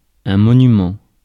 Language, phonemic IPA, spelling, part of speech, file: French, /mɔ.ny.mɑ̃/, monument, noun, Fr-monument.ogg
- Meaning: monument